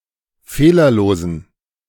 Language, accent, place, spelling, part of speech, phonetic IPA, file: German, Germany, Berlin, fehlerlosen, adjective, [ˈfeːlɐˌloːzn̩], De-fehlerlosen.ogg
- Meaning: inflection of fehlerlos: 1. strong genitive masculine/neuter singular 2. weak/mixed genitive/dative all-gender singular 3. strong/weak/mixed accusative masculine singular 4. strong dative plural